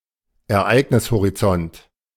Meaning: event horizon
- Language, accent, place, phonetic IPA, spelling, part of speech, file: German, Germany, Berlin, [ɛɐ̯ˈʔaɪ̯ɡnɪshoʁiˌt͡sɔnt], Ereignishorizont, noun, De-Ereignishorizont.ogg